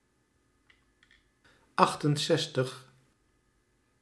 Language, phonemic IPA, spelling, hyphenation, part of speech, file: Dutch, /ˈɑxtənˌsɛstəx/, achtenzestig, acht‧en‧zes‧tig, numeral, Nl-achtenzestig.ogg
- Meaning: sixty-eight